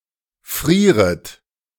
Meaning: second-person plural subjunctive I of frieren
- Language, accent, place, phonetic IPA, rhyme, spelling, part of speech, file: German, Germany, Berlin, [ˈfʁiːʁət], -iːʁət, frieret, verb, De-frieret.ogg